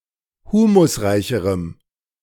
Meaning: strong dative masculine/neuter singular comparative degree of humusreich
- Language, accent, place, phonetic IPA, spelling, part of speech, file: German, Germany, Berlin, [ˈhuːmʊsˌʁaɪ̯çəʁəm], humusreicherem, adjective, De-humusreicherem.ogg